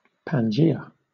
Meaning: A former supercontinent that included all the landmasses of the earth before the Triassic period and that broke up into Laurasia and Gondwana
- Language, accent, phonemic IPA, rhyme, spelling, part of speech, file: English, Southern England, /pænˈd͡ʒiː.ə/, -iːə, Pangaea, proper noun, LL-Q1860 (eng)-Pangaea.wav